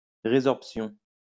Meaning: resorption
- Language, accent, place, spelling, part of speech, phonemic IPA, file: French, France, Lyon, résorption, noun, /ʁe.zɔʁp.sjɔ̃/, LL-Q150 (fra)-résorption.wav